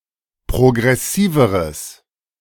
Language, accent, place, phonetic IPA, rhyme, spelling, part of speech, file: German, Germany, Berlin, [pʁoɡʁɛˈsiːvəʁəs], -iːvəʁəs, progressiveres, adjective, De-progressiveres.ogg
- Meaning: strong/mixed nominative/accusative neuter singular comparative degree of progressiv